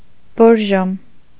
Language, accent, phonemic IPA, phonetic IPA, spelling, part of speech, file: Armenian, Eastern Armenian, /boɾˈʒom/, [boɾʒóm], Բորժոմ, proper noun, Hy-Բորժոմ.ogg
- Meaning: Borjomi (a city in Georgia)